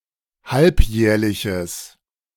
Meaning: strong/mixed nominative/accusative neuter singular of halbjährlich
- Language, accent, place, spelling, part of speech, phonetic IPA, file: German, Germany, Berlin, halbjährliches, adjective, [ˈhalpˌjɛːɐ̯lɪçəs], De-halbjährliches.ogg